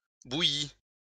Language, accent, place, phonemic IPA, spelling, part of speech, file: French, France, Lyon, /bu.ji/, bouilli, verb, LL-Q150 (fra)-bouilli.wav
- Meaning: past participle of bouillir